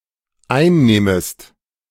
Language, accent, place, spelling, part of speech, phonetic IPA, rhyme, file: German, Germany, Berlin, einnehmest, verb, [ˈaɪ̯nˌneːməst], -aɪ̯nneːməst, De-einnehmest.ogg
- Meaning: second-person singular dependent subjunctive I of einnehmen